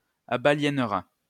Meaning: first/second-person singular conditional of abaliéner
- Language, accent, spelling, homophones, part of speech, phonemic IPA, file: French, France, abaliénerais, abaliéneraient / abaliénerait, verb, /a.ba.ljɛn.ʁɛ/, LL-Q150 (fra)-abaliénerais.wav